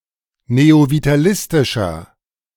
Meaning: inflection of neovitalistisch: 1. strong/mixed nominative masculine singular 2. strong genitive/dative feminine singular 3. strong genitive plural
- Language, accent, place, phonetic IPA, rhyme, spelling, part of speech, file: German, Germany, Berlin, [neovitaˈlɪstɪʃɐ], -ɪstɪʃɐ, neovitalistischer, adjective, De-neovitalistischer.ogg